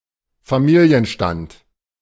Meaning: marital status
- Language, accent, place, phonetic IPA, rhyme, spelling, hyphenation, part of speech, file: German, Germany, Berlin, [faˈmiːli̯ənˌʃtant], -ant, Familienstand, Fa‧mi‧li‧en‧stand, noun, De-Familienstand.ogg